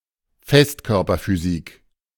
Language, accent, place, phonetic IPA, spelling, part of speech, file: German, Germany, Berlin, [ˈfɛstkœʁpɐfyˌziːk], Festkörperphysik, noun, De-Festkörperphysik.ogg
- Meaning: solid-state physics